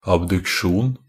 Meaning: an abduction (the act of abducing or abducting; a drawing apart; the movement which separates a limb or other part from the axis, or middle line, of the body)
- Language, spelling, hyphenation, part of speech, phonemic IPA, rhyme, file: Norwegian Bokmål, abduksjon, ab‧duk‧sjon, noun, /abdʉkˈʃuːn/, -uːn, Nb-abduksjon.ogg